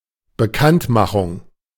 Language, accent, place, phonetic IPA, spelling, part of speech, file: German, Germany, Berlin, [bəˈkantˌmaxʊŋ], Bekanntmachung, noun, De-Bekanntmachung.ogg
- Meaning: 1. publication, the making public (of something) 2. announcement, disclosure